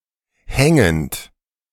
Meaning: present participle of hängen
- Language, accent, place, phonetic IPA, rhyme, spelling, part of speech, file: German, Germany, Berlin, [ˈhɛŋənt], -ɛŋənt, hängend, verb, De-hängend.ogg